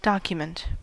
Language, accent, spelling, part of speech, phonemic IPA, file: English, US, document, noun, /ˈdɑkjʊmənt/, En-us-document.ogg
- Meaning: An original or official paper used as the basis, proof, or support of anything else, including any writing, book, or other instrument conveying information pertinent to such proof or support